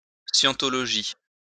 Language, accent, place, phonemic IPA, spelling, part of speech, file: French, France, Lyon, /sjɑ̃.tɔ.lɔ.ʒi/, scientologie, noun, LL-Q150 (fra)-scientologie.wav
- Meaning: Scientology